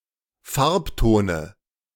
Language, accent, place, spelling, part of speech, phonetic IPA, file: German, Germany, Berlin, Farbtone, noun, [ˈfaʁpˌtoːnə], De-Farbtone.ogg
- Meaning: dative singular of Farbton